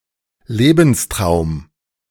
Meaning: life dream
- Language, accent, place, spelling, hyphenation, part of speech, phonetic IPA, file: German, Germany, Berlin, Lebenstraum, Le‧bens‧traum, noun, [ˈleːbn̩sˌtʁaʊ̯m], De-Lebenstraum.ogg